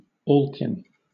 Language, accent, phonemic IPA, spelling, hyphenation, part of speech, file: English, Southern England, /ˈɔːlkɪn/, alkin, al‧kin, adjective, LL-Q1860 (eng)-alkin.wav
- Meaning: Of all or every kind; all kinds or sorts of; intermingled and various